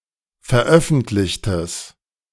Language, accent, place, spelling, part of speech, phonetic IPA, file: German, Germany, Berlin, veröffentlichtes, adjective, [fɛɐ̯ˈʔœfn̩tlɪçtəs], De-veröffentlichtes.ogg
- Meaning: strong/mixed nominative/accusative neuter singular of veröffentlicht